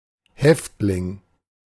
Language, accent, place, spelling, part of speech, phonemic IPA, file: German, Germany, Berlin, Häftling, noun, /ˈhɛftlɪŋ/, De-Häftling.ogg
- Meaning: prison inmate